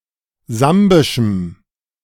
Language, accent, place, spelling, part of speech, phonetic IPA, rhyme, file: German, Germany, Berlin, sambischem, adjective, [ˈzambɪʃm̩], -ambɪʃm̩, De-sambischem.ogg
- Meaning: strong dative masculine/neuter singular of sambisch